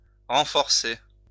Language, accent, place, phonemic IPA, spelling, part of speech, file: French, France, Lyon, /ʁɑ̃.fɔʁ.se/, renforcer, verb, LL-Q150 (fra)-renforcer.wav
- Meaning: to reinforce, strengthen